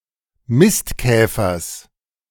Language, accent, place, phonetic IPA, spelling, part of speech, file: German, Germany, Berlin, [ˈmɪstˌkɛːfɐs], Mistkäfers, noun, De-Mistkäfers.ogg
- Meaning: genitive singular of Mistkäfer